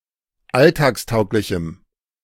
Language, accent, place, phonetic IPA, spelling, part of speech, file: German, Germany, Berlin, [ˈaltaːksˌtaʊ̯klɪçm̩], alltagstauglichem, adjective, De-alltagstauglichem.ogg
- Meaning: strong dative masculine/neuter singular of alltagstauglich